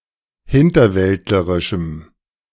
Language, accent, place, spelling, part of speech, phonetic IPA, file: German, Germany, Berlin, hinterwäldlerischem, adjective, [ˈhɪntɐˌvɛltləʁɪʃm̩], De-hinterwäldlerischem.ogg
- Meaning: strong dative masculine/neuter singular of hinterwäldlerisch